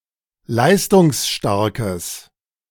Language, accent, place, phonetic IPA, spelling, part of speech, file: German, Germany, Berlin, [ˈlaɪ̯stʊŋsˌʃtaʁkəs], leistungsstarkes, adjective, De-leistungsstarkes.ogg
- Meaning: strong/mixed nominative/accusative neuter singular of leistungsstark